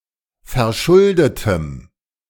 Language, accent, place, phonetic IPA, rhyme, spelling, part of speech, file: German, Germany, Berlin, [fɛɐ̯ˈʃʊldətəm], -ʊldətəm, verschuldetem, adjective, De-verschuldetem.ogg
- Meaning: strong dative masculine/neuter singular of verschuldet